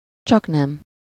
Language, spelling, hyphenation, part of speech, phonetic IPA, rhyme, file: Hungarian, csaknem, csak‧nem, adverb, [ˈt͡ʃɒknɛm], -ɛm, Hu-csaknem.ogg
- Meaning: almost, close to